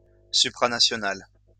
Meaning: supranational
- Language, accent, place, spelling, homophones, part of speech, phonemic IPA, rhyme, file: French, France, Lyon, supranational, supranationale / supranationales, adjective, /sy.pʁa.na.sjɔ.nal/, -al, LL-Q150 (fra)-supranational.wav